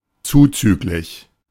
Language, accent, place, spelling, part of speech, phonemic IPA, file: German, Germany, Berlin, zuzüglich, preposition, /ˈtsuːtsyːkliç/, De-zuzüglich.ogg
- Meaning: 1. plus 2. excluding